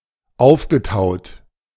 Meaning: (verb) past participle of auftauen; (adjective) 1. unfrozen 2. defrosted
- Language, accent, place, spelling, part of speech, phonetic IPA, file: German, Germany, Berlin, aufgetaut, verb, [ˈaʊ̯fɡəˌtaʊ̯t], De-aufgetaut.ogg